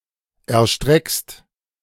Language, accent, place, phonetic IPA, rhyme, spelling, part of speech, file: German, Germany, Berlin, [ɛɐ̯ˈʃtʁɛkst], -ɛkst, erstreckst, verb, De-erstreckst.ogg
- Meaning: second-person singular present of erstrecken